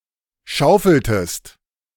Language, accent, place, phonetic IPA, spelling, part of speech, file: German, Germany, Berlin, [ˈʃaʊ̯fl̩təst], schaufeltest, verb, De-schaufeltest.ogg
- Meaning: inflection of schaufeln: 1. second-person singular preterite 2. second-person singular subjunctive II